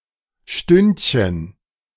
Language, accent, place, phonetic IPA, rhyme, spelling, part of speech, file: German, Germany, Berlin, [ˈʃtʏntçən], -ʏntçən, Stündchen, noun, De-Stündchen.ogg
- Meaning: diminutive of Stunde